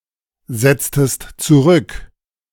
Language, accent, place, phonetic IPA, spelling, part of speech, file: German, Germany, Berlin, [ˌzɛt͡stəst t͡suˈʁʏk], setztest zurück, verb, De-setztest zurück.ogg
- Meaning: inflection of zurücksetzen: 1. second-person singular preterite 2. second-person singular subjunctive II